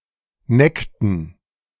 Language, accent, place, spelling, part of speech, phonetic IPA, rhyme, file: German, Germany, Berlin, neckten, verb, [ˈnɛktn̩], -ɛktn̩, De-neckten.ogg
- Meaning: inflection of necken: 1. first/third-person plural preterite 2. first/third-person plural subjunctive II